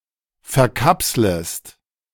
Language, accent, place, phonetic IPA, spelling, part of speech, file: German, Germany, Berlin, [fɛɐ̯ˈkapsləst], verkapslest, verb, De-verkapslest.ogg
- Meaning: second-person singular subjunctive I of verkapseln